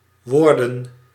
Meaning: plural of woord
- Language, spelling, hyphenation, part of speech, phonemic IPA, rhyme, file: Dutch, woorden, woor‧den, noun, /ˈʋoːrdən/, -oːrdən, Nl-woorden.ogg